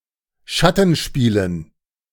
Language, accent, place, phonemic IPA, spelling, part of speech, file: German, Germany, Berlin, /ˈʃatn̩ˌʃpiːlən/, Schattenspielen, noun, De-Schattenspielen.ogg
- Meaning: dative plural of Schattenspiel